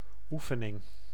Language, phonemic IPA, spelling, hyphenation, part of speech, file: Dutch, /ˈufənɪŋ/, oefening, oe‧fe‧ning, noun, Nl-oefening.ogg
- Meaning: 1. practice 2. exercise (activity or problem to train a skill, e.g. exercises in educational material)